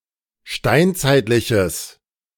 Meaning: strong/mixed nominative/accusative neuter singular of steinzeitlich
- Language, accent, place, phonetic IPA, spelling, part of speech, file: German, Germany, Berlin, [ˈʃtaɪ̯nt͡saɪ̯tlɪçəs], steinzeitliches, adjective, De-steinzeitliches.ogg